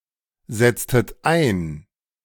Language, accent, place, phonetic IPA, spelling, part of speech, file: German, Germany, Berlin, [ˌzɛt͡stət ˈaɪ̯n], setztet ein, verb, De-setztet ein.ogg
- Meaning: inflection of einsetzen: 1. second-person plural preterite 2. second-person plural subjunctive II